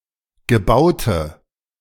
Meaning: inflection of gebaut: 1. strong/mixed nominative/accusative feminine singular 2. strong nominative/accusative plural 3. weak nominative all-gender singular 4. weak accusative feminine/neuter singular
- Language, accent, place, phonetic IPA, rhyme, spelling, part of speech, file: German, Germany, Berlin, [ɡəˈbaʊ̯tə], -aʊ̯tə, gebaute, adjective, De-gebaute.ogg